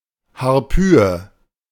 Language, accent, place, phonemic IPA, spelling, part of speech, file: German, Germany, Berlin, /haʁˈpyːjə/, Harpyie, noun, De-Harpyie.ogg
- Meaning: 1. harpy 2. harpy eagle (Harpia harpyja) 3. a butterfly native to southern Chile